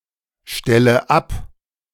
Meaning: inflection of abstellen: 1. first-person singular present 2. first/third-person singular subjunctive I 3. singular imperative
- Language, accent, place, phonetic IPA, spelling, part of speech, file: German, Germany, Berlin, [ˌʃtɛlə ˈap], stelle ab, verb, De-stelle ab.ogg